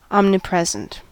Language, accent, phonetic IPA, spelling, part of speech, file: English, US, [ˌɑmnɪˈpɹɛzn̩t], omnipresent, adjective, En-us-omnipresent.ogg
- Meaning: Being everywhere simultaneously